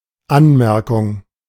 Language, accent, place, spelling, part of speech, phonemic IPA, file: German, Germany, Berlin, Anmerkung, noun, /ˈanˌmɛʁkʊŋ/, De-Anmerkung.ogg
- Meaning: remark; note; comment; annotation